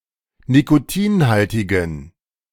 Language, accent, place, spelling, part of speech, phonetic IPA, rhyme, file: German, Germany, Berlin, nikotinhaltigen, adjective, [nikoˈtiːnˌhaltɪɡn̩], -iːnhaltɪɡn̩, De-nikotinhaltigen.ogg
- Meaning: inflection of nikotinhaltig: 1. strong genitive masculine/neuter singular 2. weak/mixed genitive/dative all-gender singular 3. strong/weak/mixed accusative masculine singular 4. strong dative plural